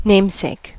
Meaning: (noun) 1. An entity that lends its name to another entity 2. An entity that lends its name to another entity.: A person with the same name as another
- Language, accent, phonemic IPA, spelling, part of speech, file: English, US, /ˈneɪmseɪk/, namesake, noun / verb, En-us-namesake.ogg